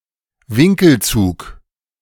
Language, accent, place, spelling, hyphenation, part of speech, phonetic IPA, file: German, Germany, Berlin, Winkelzug, Win‧kel‧zug, noun, [ˈvɪŋkl̩ˌt͡suːk], De-Winkelzug.ogg
- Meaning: shady move